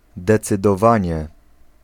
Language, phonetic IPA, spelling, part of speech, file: Polish, [ˌdɛt͡sɨdɔˈvãɲɛ], decydowanie, noun, Pl-decydowanie.ogg